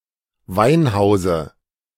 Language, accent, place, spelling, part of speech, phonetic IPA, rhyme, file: German, Germany, Berlin, Weinhause, noun, [ˈvaɪ̯nˌhaʊ̯zə], -aɪ̯nhaʊ̯zə, De-Weinhause.ogg
- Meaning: dative of Weinhaus